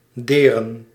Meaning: to harm
- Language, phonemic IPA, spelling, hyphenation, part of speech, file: Dutch, /ˈdeːrə(n)/, deren, de‧ren, verb, Nl-deren.ogg